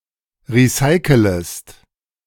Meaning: second-person singular subjunctive I of recyceln
- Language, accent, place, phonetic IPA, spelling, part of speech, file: German, Germany, Berlin, [ˌʁiˈsaɪ̯kələst], recycelest, verb, De-recycelest.ogg